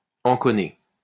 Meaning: to fuck
- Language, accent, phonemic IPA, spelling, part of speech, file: French, France, /ɑ̃.kɔ.ne/, enconner, verb, LL-Q150 (fra)-enconner.wav